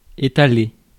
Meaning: 1. to spread, spread out (papers, objects, etc.; sur on or over) 2. to spread, smear (butter, etc.) 3. to spread, stagger (repayments) 4. to flaunt, show off (talents, money)
- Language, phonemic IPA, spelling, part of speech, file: French, /e.ta.le/, étaler, verb, Fr-étaler.ogg